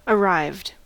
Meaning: simple past and past participle of arrive
- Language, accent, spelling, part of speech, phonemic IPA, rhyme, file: English, US, arrived, verb, /əˈɹaɪvd/, -aɪvd, En-us-arrived.ogg